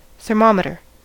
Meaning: An apparatus used to measure temperature
- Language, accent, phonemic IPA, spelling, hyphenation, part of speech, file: English, US, /θɚˈmɑ.mɪ.tɚ/, thermometer, ther‧mom‧e‧ter, noun, En-us-thermometer.ogg